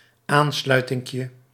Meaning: diminutive of aansluiting
- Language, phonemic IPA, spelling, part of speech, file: Dutch, /ˈanslœytɪŋkjə/, aansluitinkje, noun, Nl-aansluitinkje.ogg